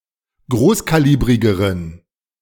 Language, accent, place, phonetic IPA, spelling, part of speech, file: German, Germany, Berlin, [ˈɡʁoːskaˌliːbʁɪɡəʁən], großkalibrigeren, adjective, De-großkalibrigeren.ogg
- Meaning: inflection of großkalibrig: 1. strong genitive masculine/neuter singular comparative degree 2. weak/mixed genitive/dative all-gender singular comparative degree